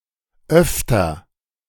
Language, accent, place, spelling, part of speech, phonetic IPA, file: German, Germany, Berlin, öfter, adverb, [ˈʔœftɐ], De-öfter.ogg
- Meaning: 1. comparative degree of oft 2. ofttimes, from time to time